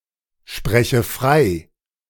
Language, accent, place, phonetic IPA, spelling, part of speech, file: German, Germany, Berlin, [ˌʃpʁɛçə ˈfʁaɪ̯], spreche frei, verb, De-spreche frei.ogg
- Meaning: inflection of freisprechen: 1. first-person singular present 2. first/third-person singular subjunctive I